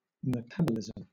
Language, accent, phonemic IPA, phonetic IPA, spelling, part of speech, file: English, Southern England, /mɪˈtab.ə.lɪz.əm/, [mɪˈtab.ə.lɪz.m̩], metabolism, noun, LL-Q1860 (eng)-metabolism.wav
- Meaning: 1. The chemical processes that occur within a living organism in order to maintain life 2. The rate at which these processes occur for a given organism